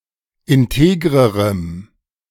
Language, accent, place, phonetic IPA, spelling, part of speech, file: German, Germany, Berlin, [ɪnˈteːɡʁəʁəm], integrerem, adjective, De-integrerem.ogg
- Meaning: strong dative masculine/neuter singular comparative degree of integer